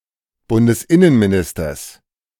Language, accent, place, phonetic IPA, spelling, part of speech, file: German, Germany, Berlin, [ˌbʊndəsˈʔɪnənmiˌnɪstɐs], Bundesinnenministers, noun, De-Bundesinnenministers.ogg
- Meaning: genitive singular of Bundesinnenminister